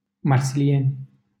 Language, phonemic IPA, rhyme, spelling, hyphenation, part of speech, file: Romanian, /mar.siˈljenʲ/, -enʲ, Marsilieni, Mar‧si‧lieni, proper noun, LL-Q7913 (ron)-Marsilieni.wav
- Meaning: a village in Albești, Ialomița County, Romania